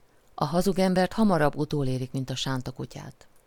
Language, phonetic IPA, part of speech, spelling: Hungarian, [ɒ ˈhɒzuɡ ˈɛmbɛrt ˈhɒmɒrɒbː ˈutoleːrik mint ɒ ˈʃaːntɒ ˈkucaːt], proverb, a hazug embert hamarabb utolérik, mint a sánta kutyát
- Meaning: a lie has no legs